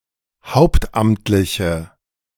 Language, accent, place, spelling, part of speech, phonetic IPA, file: German, Germany, Berlin, hauptamtliche, adjective, [ˈhaʊ̯ptˌʔamtlɪçə], De-hauptamtliche.ogg
- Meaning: inflection of hauptamtlich: 1. strong/mixed nominative/accusative feminine singular 2. strong nominative/accusative plural 3. weak nominative all-gender singular